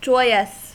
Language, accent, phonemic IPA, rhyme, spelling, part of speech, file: English, US, /ˈd͡ʒɔɪəs/, -ɔɪəs, joyous, adjective, En-us-joyous.ogg
- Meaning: Full of joy; happy